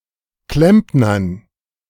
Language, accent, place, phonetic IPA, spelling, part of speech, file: German, Germany, Berlin, [ˈklɛmpnɐn], Klempnern, noun, De-Klempnern.ogg
- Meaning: dative plural of Klempner